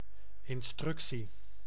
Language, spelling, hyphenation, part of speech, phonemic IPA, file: Dutch, instructie, ins‧truc‧tie, noun, /ɪnˈstrʏk.si/, Nl-instructie.ogg
- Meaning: instruction, directive